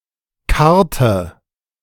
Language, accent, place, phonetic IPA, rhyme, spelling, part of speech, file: German, Germany, Berlin, [ˈkaʁtə], -aʁtə, karrte, verb, De-karrte.ogg
- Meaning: inflection of karren: 1. first/third-person singular preterite 2. first/third-person singular subjunctive II